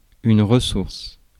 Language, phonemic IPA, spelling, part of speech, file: French, /ʁə.suʁs/, ressource, noun, Fr-ressource.ogg
- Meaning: resource